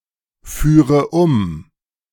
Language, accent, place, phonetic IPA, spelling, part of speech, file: German, Germany, Berlin, [ˌfyːʁə ˈʊm], führe um, verb, De-führe um.ogg
- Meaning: first/third-person singular subjunctive II of umfahren